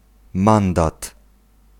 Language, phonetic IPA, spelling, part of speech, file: Polish, [ˈmãndat], mandat, noun, Pl-mandat.ogg